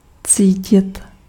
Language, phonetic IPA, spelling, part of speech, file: Czech, [ˈt͡siːcɪt], cítit, verb, Cs-cítit.ogg
- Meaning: 1. to feel (to use the sense of touch) 2. to smell (to sense a smell or smells) 3. to feel